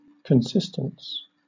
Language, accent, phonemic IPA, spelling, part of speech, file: English, Southern England, /kənˈsɪst(ə)ns/, consistence, noun, LL-Q1860 (eng)-consistence.wav
- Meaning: 1. Logical consistency; lack of self-contradiction 2. The staying together, or remaining in close relation, of non-physical things